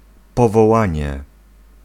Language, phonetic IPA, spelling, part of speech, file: Polish, [ˌpɔvɔˈwãɲɛ], powołanie, noun, Pl-powołanie.ogg